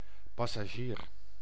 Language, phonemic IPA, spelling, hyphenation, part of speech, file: Dutch, /pɑ.sɑˈʒiːr/, passagier, pas‧sa‧gier, noun, Nl-passagier.ogg
- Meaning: passenger